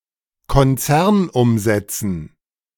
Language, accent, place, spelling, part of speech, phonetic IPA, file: German, Germany, Berlin, Konzernumsätzen, noun, [kɔnˈt͡sɛʁnˌʔʊmzɛt͡sn̩], De-Konzernumsätzen.ogg
- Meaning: dative plural of Konzernumsatz